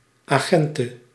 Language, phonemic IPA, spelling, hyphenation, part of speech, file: Dutch, /ˌaːˈɣɛn.tə/, agente, agen‧te, noun, Nl-agente.ogg
- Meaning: 1. female police officer 2. female spy